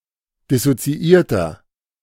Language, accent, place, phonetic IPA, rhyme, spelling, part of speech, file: German, Germany, Berlin, [dɪsot͡siˈʔiːɐ̯tɐ], -iːɐ̯tɐ, dissoziierter, adjective, De-dissoziierter.ogg
- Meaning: inflection of dissoziiert: 1. strong/mixed nominative masculine singular 2. strong genitive/dative feminine singular 3. strong genitive plural